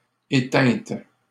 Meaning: feminine plural of éteint
- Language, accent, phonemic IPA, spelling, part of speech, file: French, Canada, /e.tɛ̃t/, éteintes, adjective, LL-Q150 (fra)-éteintes.wav